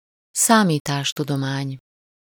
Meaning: computer science
- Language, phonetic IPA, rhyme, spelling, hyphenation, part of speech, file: Hungarian, [ˈsaːmiːtaːʃtudomaːɲ], -aːɲ, számítástudomány, szá‧mí‧tás‧tu‧do‧mány, noun, Hu-számítástudomány.ogg